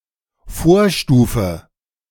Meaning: 1. precursor 2. antecedent
- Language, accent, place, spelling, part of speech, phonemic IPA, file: German, Germany, Berlin, Vorstufe, noun, /ˈfoːɐ̯ˌʃtuːfə/, De-Vorstufe.ogg